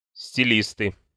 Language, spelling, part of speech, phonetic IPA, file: Russian, стилисты, noun, [sʲtʲɪˈlʲistɨ], Ru-стилисты.ogg
- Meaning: nominative plural of стили́ст (stilíst)